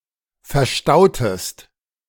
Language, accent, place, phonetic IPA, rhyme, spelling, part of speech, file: German, Germany, Berlin, [fɛɐ̯ˈʃtaʊ̯təst], -aʊ̯təst, verstautest, verb, De-verstautest.ogg
- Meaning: inflection of verstauen: 1. second-person singular preterite 2. second-person singular subjunctive II